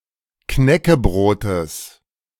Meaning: genitive singular of Knäckebrot
- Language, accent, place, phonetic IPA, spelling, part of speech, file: German, Germany, Berlin, [ˈknɛkəˌbʁoːtəs], Knäckebrotes, noun, De-Knäckebrotes.ogg